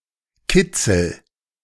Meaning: 1. titillation 2. thrill
- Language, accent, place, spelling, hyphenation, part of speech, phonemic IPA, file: German, Germany, Berlin, Kitzel, Kit‧zel, noun, /ˈkɪt͡sl̩/, De-Kitzel.ogg